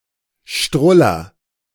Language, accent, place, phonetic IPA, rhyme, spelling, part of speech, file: German, Germany, Berlin, [ˈʃtʁʊlɐ], -ʊlɐ, struller, verb, De-struller.ogg
- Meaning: inflection of strullern: 1. first-person singular present 2. singular imperative